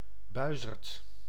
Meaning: 1. common buzzard (Buteo buteo) 2. A buzzard, any bird of prey of the genus Buteo
- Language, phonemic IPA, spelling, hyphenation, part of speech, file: Dutch, /ˈbœy̯.zərt/, buizerd, bui‧zerd, noun, Nl-buizerd.ogg